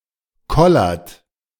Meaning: inflection of kollern: 1. second-person plural present 2. third-person singular present 3. plural imperative
- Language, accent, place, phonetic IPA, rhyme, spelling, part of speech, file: German, Germany, Berlin, [ˈkɔlɐt], -ɔlɐt, kollert, verb, De-kollert.ogg